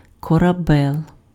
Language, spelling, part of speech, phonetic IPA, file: Ukrainian, корабел, noun, [kɔrɐˈbɛɫ], Uk-корабел.ogg
- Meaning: shipbuilder